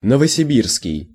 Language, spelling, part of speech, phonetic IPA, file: Russian, новосибирский, adjective, [nəvəsʲɪˈbʲirskʲɪj], Ru-новосибирский.ogg
- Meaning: Novosibirsk, from or related to Novosibirsk